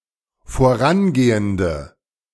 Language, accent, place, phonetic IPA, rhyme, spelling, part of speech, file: German, Germany, Berlin, [foˈʁanˌɡeːəndə], -anɡeːəndə, vorangehende, adjective, De-vorangehende.ogg
- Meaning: inflection of vorangehend: 1. strong/mixed nominative/accusative feminine singular 2. strong nominative/accusative plural 3. weak nominative all-gender singular